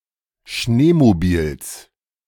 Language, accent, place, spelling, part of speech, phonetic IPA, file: German, Germany, Berlin, Schneemobils, noun, [ˈʃneːmoˌbiːls], De-Schneemobils.ogg
- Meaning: genitive singular of Schneemobil